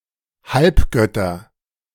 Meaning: nominative/accusative/genitive plural of Halbgott
- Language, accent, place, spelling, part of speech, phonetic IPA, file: German, Germany, Berlin, Halbgötter, noun, [ˈhalpˌɡœtɐ], De-Halbgötter.ogg